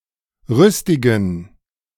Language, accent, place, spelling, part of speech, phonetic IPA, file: German, Germany, Berlin, rüstigen, adjective, [ˈʁʏstɪɡn̩], De-rüstigen.ogg
- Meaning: inflection of rüstig: 1. strong genitive masculine/neuter singular 2. weak/mixed genitive/dative all-gender singular 3. strong/weak/mixed accusative masculine singular 4. strong dative plural